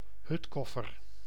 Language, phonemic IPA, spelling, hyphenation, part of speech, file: Dutch, /ˈɦʏtˌkɔ.fər/, hutkoffer, hut‧kof‧fer, noun, Nl-hutkoffer.ogg
- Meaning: a trunk, a large chest used to move luggage